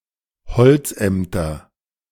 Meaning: second-person singular subjunctive I of bezichtigen
- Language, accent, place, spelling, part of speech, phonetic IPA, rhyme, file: German, Germany, Berlin, bezichtigest, verb, [bəˈt͡sɪçtɪɡəst], -ɪçtɪɡəst, De-bezichtigest.ogg